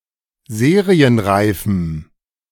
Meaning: strong dative masculine/neuter singular of serienreif
- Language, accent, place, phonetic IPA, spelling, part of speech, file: German, Germany, Berlin, [ˈzeːʁiənˌʁaɪ̯fm̩], serienreifem, adjective, De-serienreifem.ogg